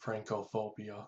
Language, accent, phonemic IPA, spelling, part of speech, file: English, US, /ˈfɹæŋ.kəˈfoʊ.bi.ə/, Francophobia, noun, Francophobia US.ogg
- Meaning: 1. The hatred or fear of France, its people and culture 2. The hatred or fear of the presence of the French language and its native speakers